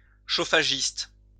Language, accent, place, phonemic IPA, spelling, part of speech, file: French, France, Lyon, /ʃo.fa.ʒist/, chauffagiste, noun, LL-Q150 (fra)-chauffagiste.wav
- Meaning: heating engineer